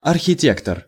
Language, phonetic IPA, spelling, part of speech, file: Russian, [ɐrxʲɪˈtʲektər], архитектор, noun, Ru-архитектор.ogg
- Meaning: architect